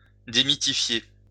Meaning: 1. to demystify 2. to reveal 3. to unlock
- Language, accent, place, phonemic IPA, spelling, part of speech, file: French, France, Lyon, /de.mi.ti.fje/, démythifier, verb, LL-Q150 (fra)-démythifier.wav